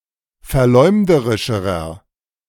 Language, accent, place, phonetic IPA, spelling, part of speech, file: German, Germany, Berlin, [fɛɐ̯ˈlɔɪ̯mdəʁɪʃəʁɐ], verleumderischerer, adjective, De-verleumderischerer.ogg
- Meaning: inflection of verleumderisch: 1. strong/mixed nominative masculine singular comparative degree 2. strong genitive/dative feminine singular comparative degree